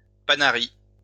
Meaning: whitlow, paronychia
- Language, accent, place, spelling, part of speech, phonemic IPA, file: French, France, Lyon, panaris, noun, /pa.na.ʁi/, LL-Q150 (fra)-panaris.wav